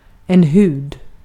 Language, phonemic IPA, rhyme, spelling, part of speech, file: Swedish, /hʉːd/, -ʉːd, hud, noun, Sv-hud.ogg
- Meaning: skin: 1. The outer covering of living tissue of a person 2. The outer protective layer of any animal 3. The skin and fur of an individual animal used by humans for clothing, upholstery, etc